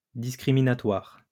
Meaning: discriminatory
- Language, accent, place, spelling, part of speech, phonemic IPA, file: French, France, Lyon, discriminatoire, adjective, /dis.kʁi.mi.na.twaʁ/, LL-Q150 (fra)-discriminatoire.wav